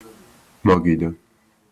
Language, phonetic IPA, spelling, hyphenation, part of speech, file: Georgian, [mäɡidä], მაგიდა, მა‧გი‧და, noun, Ka-მაგიდა.opus
- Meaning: table